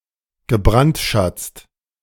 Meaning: past participle of brandschatzen
- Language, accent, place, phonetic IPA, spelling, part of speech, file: German, Germany, Berlin, [ɡəˈbʁantˌʃat͡st], gebrandschatzt, verb, De-gebrandschatzt.ogg